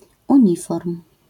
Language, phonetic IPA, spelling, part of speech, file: Polish, [ũˈɲifɔrm], uniform, noun, LL-Q809 (pol)-uniform.wav